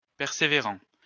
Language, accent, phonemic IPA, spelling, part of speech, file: French, France, /pɛʁ.se.ve.ʁɑ̃/, persévérant, verb / adjective, LL-Q150 (fra)-persévérant.wav
- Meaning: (verb) present participle of persévérer; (adjective) 1. persevering 2. persistent